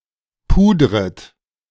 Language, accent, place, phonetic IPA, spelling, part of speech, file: German, Germany, Berlin, [ˈpuːdʁət], pudret, verb, De-pudret.ogg
- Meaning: second-person plural subjunctive I of pudern